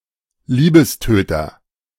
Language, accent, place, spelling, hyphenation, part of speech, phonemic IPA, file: German, Germany, Berlin, Liebestöter, Lie‧bes‧tö‧ter, noun, /ˈliːbəsˌtøːtɐ/, De-Liebestöter.ogg
- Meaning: 1. unsexy underwear 2. anything perceived as a turn-off